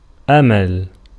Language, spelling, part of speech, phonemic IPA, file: Arabic, أمل, noun / proper noun, /ʔa.mal/, Ar-أمل.ogg
- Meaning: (noun) 1. verbal noun of أَمَلَ (ʔamala) (form I) 2. hope, expectation; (proper noun) a female given name, Amal